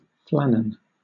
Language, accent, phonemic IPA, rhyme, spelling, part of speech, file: English, Southern England, /ˈflæn.ən/, -ænən, flannen, adjective, LL-Q1860 (eng)-flannen.wav
- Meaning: Made of flannel